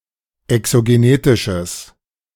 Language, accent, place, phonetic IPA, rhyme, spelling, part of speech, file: German, Germany, Berlin, [ɛksoɡeˈneːtɪʃəs], -eːtɪʃəs, exogenetisches, adjective, De-exogenetisches.ogg
- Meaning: strong/mixed nominative/accusative neuter singular of exogenetisch